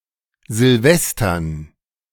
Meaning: dative plural of Silvester
- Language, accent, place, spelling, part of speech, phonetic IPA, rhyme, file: German, Germany, Berlin, Silvestern, noun, [zɪlˈvɛstɐn], -ɛstɐn, De-Silvestern.ogg